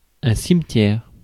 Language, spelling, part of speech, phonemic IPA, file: French, cimetière, noun, /sim.tjɛʁ/, Fr-cimetière.ogg
- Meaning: cemetery, graveyard